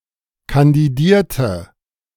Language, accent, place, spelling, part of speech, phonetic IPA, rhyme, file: German, Germany, Berlin, kandidierte, verb, [kandiˈdiːɐ̯tə], -iːɐ̯tə, De-kandidierte.ogg
- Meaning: inflection of kandidieren: 1. first/third-person singular preterite 2. first/third-person singular subjunctive II